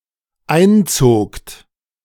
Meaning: second-person plural dependent preterite of einziehen
- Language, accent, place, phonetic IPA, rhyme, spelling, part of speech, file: German, Germany, Berlin, [ˈaɪ̯nˌt͡soːkt], -aɪ̯nt͡soːkt, einzogt, verb, De-einzogt.ogg